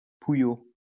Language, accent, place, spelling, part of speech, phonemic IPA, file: French, France, Lyon, pouillot, noun, /pu.jo/, LL-Q150 (fra)-pouillot.wav
- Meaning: warbler